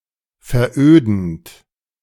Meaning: present participle of veröden
- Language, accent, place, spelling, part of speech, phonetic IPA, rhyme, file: German, Germany, Berlin, verödend, verb, [fɛɐ̯ˈʔøːdn̩t], -øːdn̩t, De-verödend.ogg